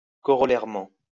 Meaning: corollarily
- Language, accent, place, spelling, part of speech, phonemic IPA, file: French, France, Lyon, corollairement, adverb, /kɔ.ʁɔ.lɛʁ.mɑ̃/, LL-Q150 (fra)-corollairement.wav